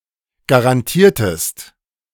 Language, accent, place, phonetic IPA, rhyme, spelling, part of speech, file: German, Germany, Berlin, [ɡaʁanˈtiːɐ̯təst], -iːɐ̯təst, garantiertest, verb, De-garantiertest.ogg
- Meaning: inflection of garantieren: 1. second-person singular preterite 2. second-person singular subjunctive II